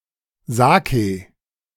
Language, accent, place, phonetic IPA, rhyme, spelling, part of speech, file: German, Germany, Berlin, [ˈzaːkə], -aːkə, Sake, noun, De-Sake.ogg
- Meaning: sake, saké (Japanese rice wine)